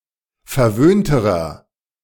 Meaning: inflection of verwöhnt: 1. strong/mixed nominative masculine singular comparative degree 2. strong genitive/dative feminine singular comparative degree 3. strong genitive plural comparative degree
- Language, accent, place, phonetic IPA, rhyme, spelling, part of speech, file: German, Germany, Berlin, [fɛɐ̯ˈvøːntəʁɐ], -øːntəʁɐ, verwöhnterer, adjective, De-verwöhnterer.ogg